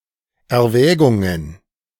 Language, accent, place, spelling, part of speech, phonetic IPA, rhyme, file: German, Germany, Berlin, Erwägungen, noun, [ɛɐ̯ˈvɛːɡʊŋən], -ɛːɡʊŋən, De-Erwägungen.ogg
- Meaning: plural of Erwägung